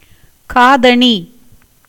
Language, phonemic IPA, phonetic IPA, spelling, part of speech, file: Tamil, /kɑːd̪ɐɳiː/, [käːd̪ɐɳiː], காதணி, noun, Ta-காதணி.ogg
- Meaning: earring